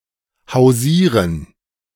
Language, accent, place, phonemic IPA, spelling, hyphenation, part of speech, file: German, Germany, Berlin, /haʊ̯ˈziːʁən/, hausieren, hau‧sie‧ren, verb, De-hausieren.ogg
- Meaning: to peddle, hawk (from door to door)